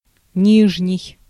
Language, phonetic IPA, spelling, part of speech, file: Russian, [ˈnʲiʐnʲɪj], нижний, adjective, Ru-нижний.ogg
- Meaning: 1. lower, inferior 2. under-, bottom